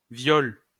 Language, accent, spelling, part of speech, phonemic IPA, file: French, France, viol, noun, /vjɔl/, LL-Q150 (fra)-viol.wav
- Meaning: a rape